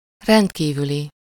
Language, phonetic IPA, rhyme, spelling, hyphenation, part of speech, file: Hungarian, [ˈrɛntkiːvyli], -li, rendkívüli, rend‧kí‧vü‧li, adjective, Hu-rendkívüli.ogg
- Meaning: exceptional